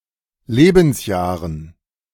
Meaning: dative plural of Lebensjahr
- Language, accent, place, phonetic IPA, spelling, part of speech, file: German, Germany, Berlin, [ˈleːbn̩sˌjaːʁən], Lebensjahren, noun, De-Lebensjahren.ogg